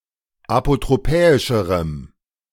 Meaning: strong dative masculine/neuter singular comparative degree of apotropäisch
- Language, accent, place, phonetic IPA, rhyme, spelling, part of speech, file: German, Germany, Berlin, [apotʁoˈpɛːɪʃəʁəm], -ɛːɪʃəʁəm, apotropäischerem, adjective, De-apotropäischerem.ogg